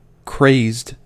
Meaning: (adjective) 1. Maddened; driven insane 2. Obsessed with something 3. Covered with cracks (generally applied to porcelain, plastics, and paints); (verb) simple past and past participle of craze
- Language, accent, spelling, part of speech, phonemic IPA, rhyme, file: English, US, crazed, adjective / verb, /kɹeɪzd/, -eɪzd, En-us-crazed.ogg